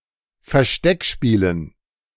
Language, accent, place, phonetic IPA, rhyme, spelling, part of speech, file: German, Germany, Berlin, [fɛɐ̯ˈʃtɛkˌʃpiːlən], -ɛkʃpiːlən, Versteckspielen, noun, De-Versteckspielen.ogg
- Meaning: dative plural of Versteckspiel